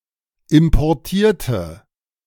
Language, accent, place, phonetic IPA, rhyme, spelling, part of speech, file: German, Germany, Berlin, [ɪmpɔʁˈtiːɐ̯tə], -iːɐ̯tə, importierte, adjective / verb, De-importierte.ogg
- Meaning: inflection of importieren: 1. first/third-person singular preterite 2. first/third-person singular subjunctive II